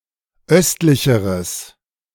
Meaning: strong/mixed nominative/accusative neuter singular comparative degree of östlich
- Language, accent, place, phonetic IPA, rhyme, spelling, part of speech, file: German, Germany, Berlin, [ˈœstlɪçəʁəs], -œstlɪçəʁəs, östlicheres, adjective, De-östlicheres.ogg